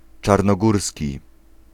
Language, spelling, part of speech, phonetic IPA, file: Polish, czarnogórski, adjective / noun, [ˌt͡ʃarnɔˈɡursʲci], Pl-czarnogórski.ogg